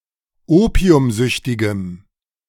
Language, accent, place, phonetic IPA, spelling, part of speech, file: German, Germany, Berlin, [ˈoːpi̯ʊmˌzʏçtɪɡəm], opiumsüchtigem, adjective, De-opiumsüchtigem.ogg
- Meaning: strong dative masculine/neuter singular of opiumsüchtig